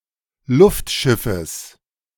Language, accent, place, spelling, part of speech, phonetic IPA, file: German, Germany, Berlin, Luftschiffes, noun, [ˈlʊftˌʃɪfəs], De-Luftschiffes.ogg
- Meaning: genitive singular of Luftschiff